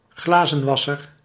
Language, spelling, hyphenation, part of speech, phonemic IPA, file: Dutch, glazenwasser, gla‧zen‧was‧ser, noun, /ˈɣlaː.zə(n)ˌʋɑ.sər/, Nl-glazenwasser.ogg
- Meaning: window cleaner